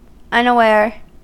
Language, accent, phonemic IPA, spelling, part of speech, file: English, US, /ˌʌnəˈwɛɚ/, unaware, adjective, En-us-unaware.ogg
- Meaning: 1. Not aware or informed; lacking knowledge; unmindful 2. Not noticing; paying no heed